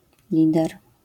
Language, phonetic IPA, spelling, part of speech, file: Polish, [ˈlʲidɛr], lider, noun, LL-Q809 (pol)-lider.wav